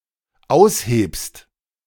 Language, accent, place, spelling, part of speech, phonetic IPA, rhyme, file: German, Germany, Berlin, aushebst, verb, [ˈaʊ̯sˌheːpst], -aʊ̯sheːpst, De-aushebst.ogg
- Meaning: second-person singular dependent present of ausheben